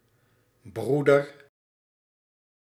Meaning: 1. brother, male sibling 2. friar, member -especially non-priest- of certain ecclesiastical (notably Catholic clerical) groups
- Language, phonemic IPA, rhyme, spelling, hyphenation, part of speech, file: Dutch, /ˈbrudər/, -udər, broeder, broe‧der, noun, Nl-broeder.ogg